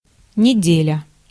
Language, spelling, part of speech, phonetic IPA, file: Russian, неделя, noun, [nʲɪˈdʲelʲə], Ru-неделя.ogg
- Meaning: 1. week 2. Sunday